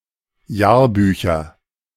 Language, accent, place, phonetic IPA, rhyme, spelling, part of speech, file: German, Germany, Berlin, [ˈjaːɐ̯ˌbyːçɐ], -aːɐ̯byːçɐ, Jahrbücher, noun, De-Jahrbücher.ogg
- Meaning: nominative/accusative/genitive plural of Jahrbuch